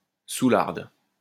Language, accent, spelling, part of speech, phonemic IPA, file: French, France, soularde, noun, /su.laʁd/, LL-Q150 (fra)-soularde.wav
- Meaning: female equivalent of soulard